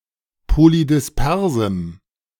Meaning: strong dative masculine/neuter singular of polydispers
- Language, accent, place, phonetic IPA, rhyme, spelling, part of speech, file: German, Germany, Berlin, [polidɪsˈpɛʁzm̩], -ɛʁzm̩, polydispersem, adjective, De-polydispersem.ogg